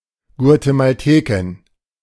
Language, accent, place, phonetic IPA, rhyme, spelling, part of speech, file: German, Germany, Berlin, [ɡu̯atemalˈteːkɪn], -eːkɪn, Guatemaltekin, noun, De-Guatemaltekin.ogg
- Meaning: Guatemalan (woman from Guatemala)